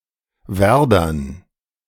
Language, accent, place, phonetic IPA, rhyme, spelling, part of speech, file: German, Germany, Berlin, [ˈvɛʁdɐn], -ɛʁdɐn, Werdern, noun, De-Werdern.ogg
- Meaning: dative plural of Werder